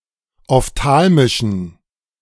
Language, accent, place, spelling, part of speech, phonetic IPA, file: German, Germany, Berlin, ophthalmischen, adjective, [ɔfˈtaːlmɪʃn̩], De-ophthalmischen.ogg
- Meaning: inflection of ophthalmisch: 1. strong genitive masculine/neuter singular 2. weak/mixed genitive/dative all-gender singular 3. strong/weak/mixed accusative masculine singular 4. strong dative plural